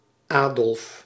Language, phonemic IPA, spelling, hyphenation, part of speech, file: Dutch, /ˈaː.dɔlf/, Adolf, Adolf, proper noun, Nl-Adolf.ogg
- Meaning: a male given name, equivalent to English Adolph